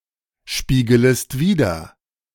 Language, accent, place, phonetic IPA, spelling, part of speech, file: German, Germany, Berlin, [ˌʃpiːɡələst ˈviːdɐ], spiegelest wider, verb, De-spiegelest wider.ogg
- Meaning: second-person singular subjunctive I of widerspiegeln